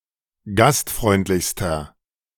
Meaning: inflection of gastfreundlich: 1. strong/mixed nominative masculine singular superlative degree 2. strong genitive/dative feminine singular superlative degree
- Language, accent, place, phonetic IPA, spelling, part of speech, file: German, Germany, Berlin, [ˈɡastˌfʁɔɪ̯ntlɪçstɐ], gastfreundlichster, adjective, De-gastfreundlichster.ogg